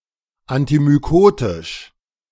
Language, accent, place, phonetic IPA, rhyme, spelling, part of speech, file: German, Germany, Berlin, [antimyˈkoːtɪʃ], -oːtɪʃ, antimykotisch, adjective, De-antimykotisch.ogg
- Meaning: antimycotic